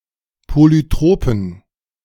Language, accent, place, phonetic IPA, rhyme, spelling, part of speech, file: German, Germany, Berlin, [ˌpolyˈtʁoːpn̩], -oːpn̩, polytropen, adjective, De-polytropen.ogg
- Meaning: inflection of polytrop: 1. strong genitive masculine/neuter singular 2. weak/mixed genitive/dative all-gender singular 3. strong/weak/mixed accusative masculine singular 4. strong dative plural